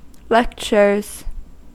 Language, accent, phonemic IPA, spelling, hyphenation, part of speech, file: English, US, /ˈlɛkt͡ʃɚz/, lectures, lec‧tures, noun / verb, En-us-lectures.ogg
- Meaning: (noun) plural of lecture; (verb) third-person singular simple present indicative of lecture